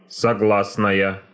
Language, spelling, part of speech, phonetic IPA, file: Russian, согласная, adjective / noun, [sɐˈɡɫasnəjə], Ru-согласная.ogg
- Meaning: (adjective) feminine nominative singular of согла́сный (soglásnyj); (noun) consonant (letter)